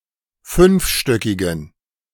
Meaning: inflection of fünfstöckig: 1. strong genitive masculine/neuter singular 2. weak/mixed genitive/dative all-gender singular 3. strong/weak/mixed accusative masculine singular 4. strong dative plural
- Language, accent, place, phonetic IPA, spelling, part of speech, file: German, Germany, Berlin, [ˈfʏnfˌʃtœkɪɡn̩], fünfstöckigen, adjective, De-fünfstöckigen.ogg